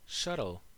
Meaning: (noun) A tool used to carry the woof back and forth between the warp threads on a loom
- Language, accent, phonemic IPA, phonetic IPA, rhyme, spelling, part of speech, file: English, US, /ˈʃʌtəl/, [ˈʃʌɾəɫ], -ʌtəl, shuttle, noun / verb, En-us-shuttle.ogg